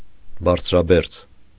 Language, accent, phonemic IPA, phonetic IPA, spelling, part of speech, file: Armenian, Eastern Armenian, /bɑɾt͡sʰɾɑˈbeɾt͡sʰ/, [bɑɾt͡sʰɾɑbéɾt͡sʰ], բարձրաբերձ, adjective, Hy-բարձրաբերձ.ogg
- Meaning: very high